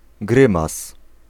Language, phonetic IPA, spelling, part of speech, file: Polish, [ˈɡrɨ̃mas], grymas, noun, Pl-grymas.ogg